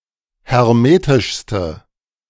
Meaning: inflection of hermetisch: 1. strong/mixed nominative/accusative feminine singular superlative degree 2. strong nominative/accusative plural superlative degree
- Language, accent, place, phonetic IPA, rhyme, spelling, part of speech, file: German, Germany, Berlin, [hɛʁˈmeːtɪʃstə], -eːtɪʃstə, hermetischste, adjective, De-hermetischste.ogg